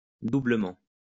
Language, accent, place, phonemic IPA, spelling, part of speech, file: French, France, Lyon, /du.blə.mɑ̃/, doublement, adverb / noun, LL-Q150 (fra)-doublement.wav
- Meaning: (adverb) doubly; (noun) doubling